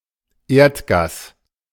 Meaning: natural gas
- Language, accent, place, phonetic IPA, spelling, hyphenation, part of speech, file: German, Germany, Berlin, [ˈeːɐ̯tˌɡaːs], Erdgas, Erd‧gas, noun, De-Erdgas.ogg